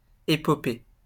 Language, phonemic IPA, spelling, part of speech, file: French, /e.pɔ.pe/, épopée, noun, LL-Q150 (fra)-épopée.wav
- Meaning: 1. epic, saga 2. adventurous and intrepid journey